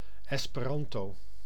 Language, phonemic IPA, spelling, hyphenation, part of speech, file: Dutch, /ˌɛs.pəˈrɑn.toː/, Esperanto, Es‧pe‧ran‧to, proper noun, Nl-Esperanto.ogg
- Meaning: Esperanto